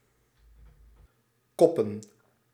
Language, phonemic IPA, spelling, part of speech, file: Dutch, /ˈkɔpə(n)/, koppen, verb / noun, Nl-koppen.ogg
- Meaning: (verb) 1. to strike with the head; as in soccer, to head (the ball) 2. to run a headline 3. to deadhead; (noun) plural of kop